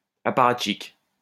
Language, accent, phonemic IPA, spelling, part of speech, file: French, France, /a.pa.ʁat.ʃik/, apparatchik, noun, LL-Q150 (fra)-apparatchik.wav
- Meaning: apparatchik